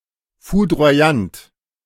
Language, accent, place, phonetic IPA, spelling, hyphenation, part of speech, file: German, Germany, Berlin, [fudro̯aˈjant], foudroyant, fou‧dro‧yant, adjective, De-foudroyant.ogg
- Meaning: fulminant